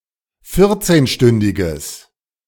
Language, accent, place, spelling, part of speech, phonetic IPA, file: German, Germany, Berlin, vierzehnstündiges, adjective, [ˈfɪʁt͡seːnˌʃtʏndɪɡəs], De-vierzehnstündiges.ogg
- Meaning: strong/mixed nominative/accusative neuter singular of vierzehnstündig